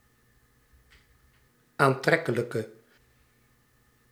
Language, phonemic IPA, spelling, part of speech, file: Dutch, /anˈtrɛkələkə/, aantrekkelijke, adjective, Nl-aantrekkelijke.ogg
- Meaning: inflection of aantrekkelijk: 1. masculine/feminine singular attributive 2. definite neuter singular attributive 3. plural attributive